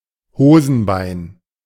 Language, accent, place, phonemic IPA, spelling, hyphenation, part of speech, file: German, Germany, Berlin, /ˈhoːzn̩ˌbaɪ̯n/, Hosenbein, Ho‧sen‧bein, noun, De-Hosenbein.ogg
- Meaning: trouser leg, pant leg